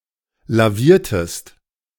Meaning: inflection of lavieren: 1. second-person singular preterite 2. second-person singular subjunctive II
- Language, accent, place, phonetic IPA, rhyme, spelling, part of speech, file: German, Germany, Berlin, [laˈviːɐ̯təst], -iːɐ̯təst, laviertest, verb, De-laviertest.ogg